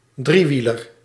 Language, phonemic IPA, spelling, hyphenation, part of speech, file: Dutch, /ˈdriˌʋi.lər/, driewieler, drie‧wie‧ler, noun, Nl-driewieler.ogg
- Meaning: tricycle